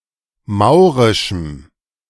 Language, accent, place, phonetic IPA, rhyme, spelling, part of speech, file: German, Germany, Berlin, [ˈmaʊ̯ʁɪʃm̩], -aʊ̯ʁɪʃm̩, maurischem, adjective, De-maurischem.ogg
- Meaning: strong dative masculine/neuter singular of maurisch